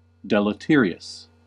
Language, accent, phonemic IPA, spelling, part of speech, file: English, US, /ˌdɛ.ləˈtɪɹ.i.əs/, deleterious, adjective, En-us-deleterious.ogg
- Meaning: 1. Harmful, often in a subtle or unexpected way 2. Having lower fitness